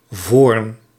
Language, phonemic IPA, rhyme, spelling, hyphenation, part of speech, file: Dutch, /voːrn/, -oːrn, voorn, voorn, noun, Nl-voorn.ogg
- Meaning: a roach; a vernacular term used of a grouping of fish in the family Cyprinidae due to superficial resemblances; in particular used of (former) members of the genus Leuciscus